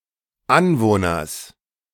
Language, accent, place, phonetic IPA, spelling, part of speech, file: German, Germany, Berlin, [ˈanvoːnɐs], Anwohners, noun, De-Anwohners.ogg
- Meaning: genitive singular of Anwohner